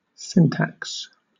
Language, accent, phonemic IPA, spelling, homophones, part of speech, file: English, Southern England, /ˈsɪn.tæks/, syntax, sin tax, noun, LL-Q1860 (eng)-syntax.wav
- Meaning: 1. A set of rules that govern how words are combined to form phrases and sentences 2. The formal rules of formulating the statements of a computer language